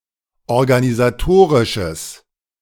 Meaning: strong/mixed nominative/accusative neuter singular of organisatorisch
- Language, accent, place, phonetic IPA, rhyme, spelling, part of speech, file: German, Germany, Berlin, [ɔʁɡanizaˈtoːʁɪʃəs], -oːʁɪʃəs, organisatorisches, adjective, De-organisatorisches.ogg